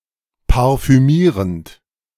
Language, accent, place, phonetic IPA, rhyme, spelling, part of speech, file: German, Germany, Berlin, [paʁfyˈmiːʁənt], -iːʁənt, parfümierend, verb, De-parfümierend.ogg
- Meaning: present participle of parfümieren